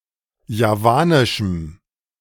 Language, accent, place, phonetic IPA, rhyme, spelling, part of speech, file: German, Germany, Berlin, [jaˈvaːnɪʃm̩], -aːnɪʃm̩, javanischem, adjective, De-javanischem.ogg
- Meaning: strong dative masculine/neuter singular of javanisch